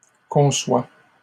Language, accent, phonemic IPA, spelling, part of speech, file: French, Canada, /kɔ̃.swa/, conçoit, verb, LL-Q150 (fra)-conçoit.wav
- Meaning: third-person singular present indicative of concevoir